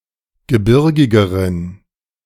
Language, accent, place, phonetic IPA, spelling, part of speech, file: German, Germany, Berlin, [ɡəˈbɪʁɡɪɡəʁən], gebirgigeren, adjective, De-gebirgigeren.ogg
- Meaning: inflection of gebirgig: 1. strong genitive masculine/neuter singular comparative degree 2. weak/mixed genitive/dative all-gender singular comparative degree